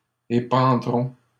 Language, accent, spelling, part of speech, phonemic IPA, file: French, Canada, épandront, verb, /e.pɑ̃.dʁɔ̃/, LL-Q150 (fra)-épandront.wav
- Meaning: third-person plural simple future of épandre